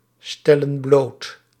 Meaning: inflection of blootstellen: 1. plural present indicative 2. plural present subjunctive
- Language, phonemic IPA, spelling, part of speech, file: Dutch, /ˈstɛlə(n) ˈblot/, stellen bloot, verb, Nl-stellen bloot.ogg